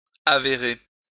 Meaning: 1. to uncover, to reveal 2. to prove (to be); to transpire
- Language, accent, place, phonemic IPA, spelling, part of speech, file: French, France, Lyon, /a.ve.ʁe/, avérer, verb, LL-Q150 (fra)-avérer.wav